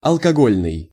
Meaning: alcohol, alcoholic
- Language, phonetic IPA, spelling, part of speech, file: Russian, [ɐɫkɐˈɡolʲnɨj], алкогольный, adjective, Ru-алкогольный.ogg